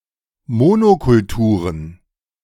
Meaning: plural of Monokultur
- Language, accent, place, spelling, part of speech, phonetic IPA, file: German, Germany, Berlin, Monokulturen, noun, [ˈmoːnokʊlˌtuːʁən], De-Monokulturen.ogg